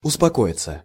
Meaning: 1. to calm down, to quiet down 2. to abate 3. passive of успоко́ить (uspokóitʹ)
- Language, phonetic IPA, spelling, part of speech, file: Russian, [ʊspɐˈkoɪt͡sə], успокоиться, verb, Ru-успокоиться.ogg